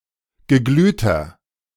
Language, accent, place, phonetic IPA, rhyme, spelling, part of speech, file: German, Germany, Berlin, [ɡəˈɡlyːtɐ], -yːtɐ, geglühter, adjective, De-geglühter.ogg
- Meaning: inflection of geglüht: 1. strong/mixed nominative masculine singular 2. strong genitive/dative feminine singular 3. strong genitive plural